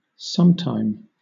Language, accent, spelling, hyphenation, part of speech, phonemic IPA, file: English, Southern England, sometime, some‧time, adverb / adjective, /ˈsʌmˌtaɪm/, LL-Q1860 (eng)-sometime.wav
- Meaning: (adverb) 1. At an indefinite but stated time in the past or future 2. Sometimes 3. At an unstated past or future time; once; formerly; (adjective) Former, erstwhile; at some previous time